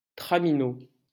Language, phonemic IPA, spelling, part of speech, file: French, /tʁa.mi.no/, traminot, noun, LL-Q150 (fra)-traminot.wav
- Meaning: tramway worker (especially a conductor on a tram)